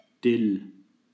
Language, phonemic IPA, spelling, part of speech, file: German, /dɪl/, Dill, noun / proper noun, De-Dill.ogg
- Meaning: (noun) dill (herb of the species Anethum graveolens); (proper noun) a river flowing through central Hesse; a tributary of the Lahn